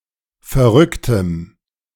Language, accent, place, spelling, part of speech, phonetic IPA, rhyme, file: German, Germany, Berlin, verrücktem, adjective, [fɛɐ̯ˈʁʏktəm], -ʏktəm, De-verrücktem.ogg
- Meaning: strong dative masculine/neuter singular of verrückt